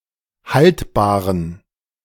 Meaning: inflection of haltbar: 1. strong genitive masculine/neuter singular 2. weak/mixed genitive/dative all-gender singular 3. strong/weak/mixed accusative masculine singular 4. strong dative plural
- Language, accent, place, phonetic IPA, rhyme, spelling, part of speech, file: German, Germany, Berlin, [ˈhaltbaːʁən], -altbaːʁən, haltbaren, adjective, De-haltbaren.ogg